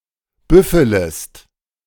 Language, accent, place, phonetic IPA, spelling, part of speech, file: German, Germany, Berlin, [ˈbʏfələst], büffelest, verb, De-büffelest.ogg
- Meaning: second-person singular subjunctive I of büffeln